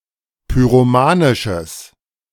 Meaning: strong/mixed nominative/accusative neuter singular of pyromanisch
- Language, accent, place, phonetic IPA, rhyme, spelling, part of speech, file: German, Germany, Berlin, [pyʁoˈmaːnɪʃəs], -aːnɪʃəs, pyromanisches, adjective, De-pyromanisches.ogg